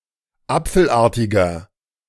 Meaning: inflection of apfelartig: 1. strong/mixed nominative masculine singular 2. strong genitive/dative feminine singular 3. strong genitive plural
- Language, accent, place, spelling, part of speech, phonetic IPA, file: German, Germany, Berlin, apfelartiger, adjective, [ˈap͡fl̩ˌʔaːɐ̯tɪɡɐ], De-apfelartiger.ogg